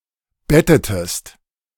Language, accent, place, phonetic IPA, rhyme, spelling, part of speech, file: German, Germany, Berlin, [ˈbɛtətəst], -ɛtətəst, bettetest, verb, De-bettetest.ogg
- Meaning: inflection of betten: 1. second-person singular preterite 2. second-person singular subjunctive II